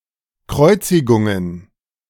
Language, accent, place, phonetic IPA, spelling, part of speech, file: German, Germany, Berlin, [ˈkʁɔɪ̯t͡sɪɡʊŋən], Kreuzigungen, noun, De-Kreuzigungen.ogg
- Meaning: plural of Kreuzigung